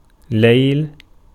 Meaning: 1. nighttime, night 2. chick of a bustard (حُبَارَى (ḥubārā)) and/or curlew (كَرَوَان (karawān)) 3. bustard hen; bustard in general
- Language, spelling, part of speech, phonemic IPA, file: Arabic, ليل, noun, /lajl/, Ar-ليل.ogg